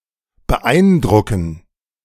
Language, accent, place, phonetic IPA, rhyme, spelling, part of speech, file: German, Germany, Berlin, [bəˈʔaɪ̯nˌdʁʊkn̩], -aɪ̯ndʁʊkn̩, beeindrucken, verb, De-beeindrucken.ogg
- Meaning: to impress, to impose